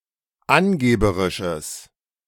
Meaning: strong/mixed nominative/accusative neuter singular of angeberisch
- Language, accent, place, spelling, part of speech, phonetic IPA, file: German, Germany, Berlin, angeberisches, adjective, [ˈanˌɡeːbəʁɪʃəs], De-angeberisches.ogg